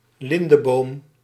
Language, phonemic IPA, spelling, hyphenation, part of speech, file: Dutch, /ˈlɪn.dəˌboːm/, lindeboom, lin‧de‧boom, noun, Nl-lindeboom.ogg
- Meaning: linden tree, tree of the genus Tilia